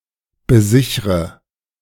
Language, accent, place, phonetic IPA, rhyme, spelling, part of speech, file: German, Germany, Berlin, [bəˈzɪçʁə], -ɪçʁə, besichre, verb, De-besichre.ogg
- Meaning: inflection of besichern: 1. first-person singular present 2. first/third-person singular subjunctive I 3. singular imperative